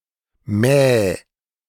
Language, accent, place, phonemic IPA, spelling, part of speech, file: German, Germany, Berlin, /mɛː/, mäh, interjection / verb, De-mäh.ogg
- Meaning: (interjection) baa (cry of sheep); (verb) singular imperative of mähen